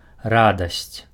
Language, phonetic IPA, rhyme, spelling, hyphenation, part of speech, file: Belarusian, [ˈradasʲt͡sʲ], -adasʲt͡sʲ, радасць, ра‧дасць, noun, Be-радасць.ogg
- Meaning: joy, delight